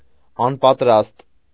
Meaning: unready, unprepared
- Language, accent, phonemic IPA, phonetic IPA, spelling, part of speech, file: Armenian, Eastern Armenian, /ɑnpɑtˈɾɑst/, [ɑnpɑtɾɑ́st], անպատրաստ, adjective, Hy-անպատրաստ.ogg